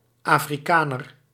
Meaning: 1. Afrikaner 2. African 3. Africanus
- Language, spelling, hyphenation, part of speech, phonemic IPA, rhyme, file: Dutch, Afrikaner, Afri‧ka‧ner, noun, /aːfriˈkaːnər/, -aːnər, Nl-Afrikaner.ogg